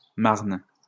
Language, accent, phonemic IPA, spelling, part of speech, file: French, France, /maʁn/, marne, verb / noun, LL-Q150 (fra)-marne.wav
- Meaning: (verb) inflection of marner: 1. first/third-person singular present indicative/subjunctive 2. second-person singular imperative; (noun) marl (mixed earthy substance)